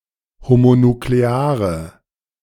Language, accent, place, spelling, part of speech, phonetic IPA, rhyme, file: German, Germany, Berlin, homonukleare, adjective, [homonukleˈaːʁə], -aːʁə, De-homonukleare.ogg
- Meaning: inflection of homonuklear: 1. strong/mixed nominative/accusative feminine singular 2. strong nominative/accusative plural 3. weak nominative all-gender singular